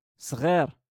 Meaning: 1. small 2. young (for a person)
- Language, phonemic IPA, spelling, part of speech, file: Moroccan Arabic, /sˤɣiːr/, صغير, adjective, LL-Q56426 (ary)-صغير.wav